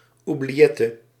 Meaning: oubliette (a dungeon only accessible by a trapdoor at the top)
- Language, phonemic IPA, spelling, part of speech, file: Dutch, /ubliˈjɛtə/, oubliëtte, noun, Nl-oubliëtte.ogg